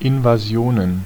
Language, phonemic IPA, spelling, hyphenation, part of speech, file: German, /ɪnvaˈzi̯oːnən/, Invasionen, In‧va‧si‧o‧nen, noun, De-Invasionen.ogg
- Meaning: plural of Invasion